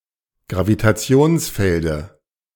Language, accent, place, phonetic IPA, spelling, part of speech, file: German, Germany, Berlin, [ɡʁavitaˈt͡si̯oːnsˌfɛldə], Gravitationsfelde, noun, De-Gravitationsfelde.ogg
- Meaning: dative of Gravitationsfeld